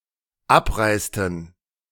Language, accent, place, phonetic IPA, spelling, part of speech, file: German, Germany, Berlin, [ˈapˌʁaɪ̯stn̩], abreisten, verb, De-abreisten.ogg
- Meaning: inflection of abreisen: 1. first/third-person plural dependent preterite 2. first/third-person plural dependent subjunctive II